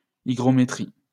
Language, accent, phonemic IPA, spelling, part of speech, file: French, France, /i.ɡʁɔ.me.tʁi/, hygrométrie, noun, LL-Q150 (fra)-hygrométrie.wav
- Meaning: hygrometry